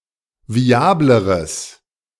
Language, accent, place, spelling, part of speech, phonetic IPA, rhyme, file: German, Germany, Berlin, viableres, adjective, [viˈaːbləʁəs], -aːbləʁəs, De-viableres.ogg
- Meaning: strong/mixed nominative/accusative neuter singular comparative degree of viabel